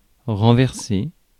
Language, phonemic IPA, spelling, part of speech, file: French, /ʁɑ̃.vɛʁ.se/, renverser, verb, Fr-renverser.ogg
- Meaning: 1. to turn over, turn upside down 2. to knock over, knock to the ground 3. to run over 4. to spill (e.g. a liquid) 5. to invert (change the positions of words in a sentence) 6. to switch over, switch